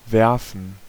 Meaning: 1. to throw 2. to throw (an exception) 3. to cast; to project 4. to give birth (of some animals) 5. to throw oneself (on a bed etc.)
- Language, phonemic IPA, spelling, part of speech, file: German, /ˈvɛrfən/, werfen, verb, De-werfen.ogg